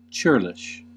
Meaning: 1. Of or pertaining to a serf, peasant, or rustic 2. Rude, surly, ungracious 3. Stingy or grudging 4. Difficult to till, lacking pliancy; unmanageable
- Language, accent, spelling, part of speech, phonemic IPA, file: English, US, churlish, adjective, /ˈt͡ʃɝːlɪʃ/, En-us-churlish.ogg